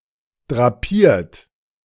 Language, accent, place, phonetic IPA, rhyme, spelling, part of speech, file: German, Germany, Berlin, [dʁaˈpiːɐ̯t], -iːɐ̯t, drapiert, verb, De-drapiert.ogg
- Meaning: 1. past participle of drapieren 2. inflection of drapieren: third-person singular present 3. inflection of drapieren: second-person plural present 4. inflection of drapieren: plural imperative